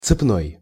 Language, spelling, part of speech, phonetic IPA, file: Russian, цепной, adjective, [t͡sɨpˈnoj], Ru-цепной.ogg
- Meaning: chain